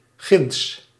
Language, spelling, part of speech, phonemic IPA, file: Dutch, ginds, adjective / adverb, /ɣɪnts/, Nl-ginds.ogg
- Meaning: over there, yonder